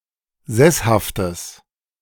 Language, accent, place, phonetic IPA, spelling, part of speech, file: German, Germany, Berlin, [ˈzɛshaftəs], sesshaftes, adjective, De-sesshaftes.ogg
- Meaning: strong/mixed nominative/accusative neuter singular of sesshaft